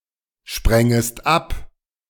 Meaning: second-person singular subjunctive II of abspringen
- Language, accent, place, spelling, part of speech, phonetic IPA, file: German, Germany, Berlin, sprängest ab, verb, [ˌʃpʁɛŋəst ˈap], De-sprängest ab.ogg